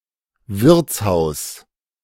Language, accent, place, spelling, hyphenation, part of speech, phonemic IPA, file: German, Germany, Berlin, Wirtshaus, Wirts‧haus, noun, /ˈvɪʁt͡sˌhaʊ̯s/, De-Wirtshaus.ogg
- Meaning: inn, tavern